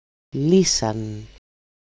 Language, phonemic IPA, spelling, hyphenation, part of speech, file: Greek, /ˈli.san/, λύσαν, λύ‧σαν, verb, El-λύσαν.ogg
- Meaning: third-person plural simple past active indicative of λύνω (lýno)